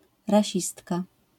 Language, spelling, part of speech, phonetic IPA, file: Polish, rasistka, noun, [raˈɕistka], LL-Q809 (pol)-rasistka.wav